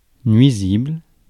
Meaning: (adjective) harmful, damaging, injurious; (noun) varmint
- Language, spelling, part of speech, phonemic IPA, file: French, nuisible, adjective / noun, /nɥi.zibl/, Fr-nuisible.ogg